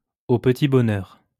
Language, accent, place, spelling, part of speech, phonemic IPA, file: French, France, Lyon, au petit bonheur, adverb, /o p(ə).ti bɔ.nœʁ/, LL-Q150 (fra)-au petit bonheur.wav
- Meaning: haphazardly, without planning; in a shot-in-the-dark manner